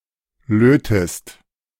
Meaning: inflection of löten: 1. second-person singular present 2. second-person singular subjunctive I
- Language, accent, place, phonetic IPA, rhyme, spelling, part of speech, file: German, Germany, Berlin, [ˈløːtəst], -øːtəst, lötest, verb, De-lötest.ogg